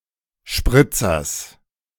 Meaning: genitive singular of Spritzer
- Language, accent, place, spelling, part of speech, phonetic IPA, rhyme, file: German, Germany, Berlin, Spritzers, noun, [ˈʃpʁɪt͡sɐs], -ɪt͡sɐs, De-Spritzers.ogg